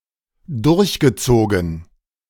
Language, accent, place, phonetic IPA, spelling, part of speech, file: German, Germany, Berlin, [ˈdʊʁçɡəˌt͡soːɡn̩], durchgezogen, verb, De-durchgezogen.ogg
- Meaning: past participle of durchziehen